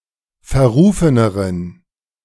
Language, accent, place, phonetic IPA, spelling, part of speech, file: German, Germany, Berlin, [fɛɐ̯ˈʁuːfənəʁən], verrufeneren, adjective, De-verrufeneren.ogg
- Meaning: inflection of verrufen: 1. strong genitive masculine/neuter singular comparative degree 2. weak/mixed genitive/dative all-gender singular comparative degree